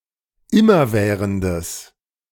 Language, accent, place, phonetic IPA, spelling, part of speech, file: German, Germany, Berlin, [ˈɪmɐˌvɛːʁəndəs], immerwährendes, adjective, De-immerwährendes.ogg
- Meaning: strong/mixed nominative/accusative neuter singular of immerwährend